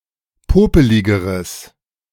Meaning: strong/mixed nominative/accusative neuter singular comparative degree of popelig
- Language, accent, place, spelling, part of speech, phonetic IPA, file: German, Germany, Berlin, popeligeres, adjective, [ˈpoːpəlɪɡəʁəs], De-popeligeres.ogg